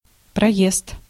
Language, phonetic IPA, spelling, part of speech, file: Russian, [prɐˈjest], проезд, noun, Ru-проезд.ogg
- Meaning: 1. journey 2. passage, thoroughfare 3. lane, passage